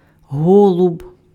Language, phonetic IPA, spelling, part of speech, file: Ukrainian, [ˈɦɔɫʊb], голуб, noun, Uk-голуб.ogg
- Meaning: 1. pigeon, dove 2. pet name for a man 3. a pigeon-like decoration made with paper, wax or other material